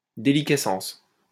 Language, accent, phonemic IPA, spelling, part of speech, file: French, France, /de.li.kɛ.sɑ̃s/, déliquescence, noun, LL-Q150 (fra)-déliquescence.wav
- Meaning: 1. deliquescence 2. corruption, decay